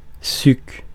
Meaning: 1. juice 2. Ancient volcano of which only the lava dome or a relatively isolated peak remains
- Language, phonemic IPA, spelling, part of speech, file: French, /syk/, suc, noun, Fr-suc.ogg